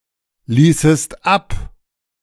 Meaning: second-person singular subjunctive II of ablassen
- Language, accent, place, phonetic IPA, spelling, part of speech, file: German, Germany, Berlin, [ˌliːsəst ˈap], ließest ab, verb, De-ließest ab.ogg